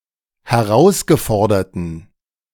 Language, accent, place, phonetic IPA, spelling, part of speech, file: German, Germany, Berlin, [hɛˈʁaʊ̯sɡəˌfɔʁdɐtn̩], herausgeforderten, adjective, De-herausgeforderten.ogg
- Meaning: inflection of herausgefordert: 1. strong genitive masculine/neuter singular 2. weak/mixed genitive/dative all-gender singular 3. strong/weak/mixed accusative masculine singular 4. strong dative plural